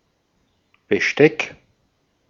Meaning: 1. cutlery 2. silverware 3. set of instruments 4. position of a ship
- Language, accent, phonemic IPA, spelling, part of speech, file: German, Austria, /bəˈʃtɛk/, Besteck, noun, De-at-Besteck.ogg